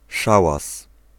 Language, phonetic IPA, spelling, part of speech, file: Polish, [ˈʃawas], szałas, noun, Pl-szałas.ogg